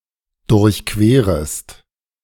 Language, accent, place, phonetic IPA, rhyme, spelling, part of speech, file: German, Germany, Berlin, [dʊʁçˈkveːʁəst], -eːʁəst, durchquerest, verb, De-durchquerest.ogg
- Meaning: second-person singular subjunctive I of durchqueren